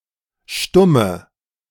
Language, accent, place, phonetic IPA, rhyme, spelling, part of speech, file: German, Germany, Berlin, [ˈʃtʊmə], -ʊmə, Stumme, noun, De-Stumme.ogg
- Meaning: 1. inflection of Stummer: strong nominative/accusative plural 2. inflection of Stummer: weak nominative singular 3. mute female